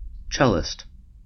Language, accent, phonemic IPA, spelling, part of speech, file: English, US, /ˈt͡ʃɛlɪst/, cellist, noun, En-us-cellist.ogg
- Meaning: Someone who plays the cello